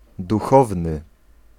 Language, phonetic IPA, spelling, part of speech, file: Polish, [duˈxɔvnɨ], duchowny, adjective / noun, Pl-duchowny.ogg